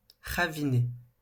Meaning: to furrow
- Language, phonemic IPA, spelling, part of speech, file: French, /ʁa.vi.ne/, raviner, verb, LL-Q150 (fra)-raviner.wav